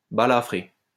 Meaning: to scar (cause to have a scar, after injury)
- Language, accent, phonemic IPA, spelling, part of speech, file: French, France, /ba.la.fʁe/, balafrer, verb, LL-Q150 (fra)-balafrer.wav